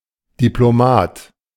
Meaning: diplomat
- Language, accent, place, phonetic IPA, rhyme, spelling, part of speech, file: German, Germany, Berlin, [ˌdiploˈmaːt], -aːt, Diplomat, noun, De-Diplomat.ogg